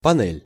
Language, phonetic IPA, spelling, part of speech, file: Russian, [pɐˈnɛlʲ], панель, noun, Ru-панель.ogg
- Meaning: 1. panel 2. matrix 3. sidewalk (U.S.), pavement (UK)